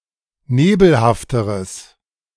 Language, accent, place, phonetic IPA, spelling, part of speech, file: German, Germany, Berlin, [ˈneːbl̩haftəʁəs], nebelhafteres, adjective, De-nebelhafteres.ogg
- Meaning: strong/mixed nominative/accusative neuter singular comparative degree of nebelhaft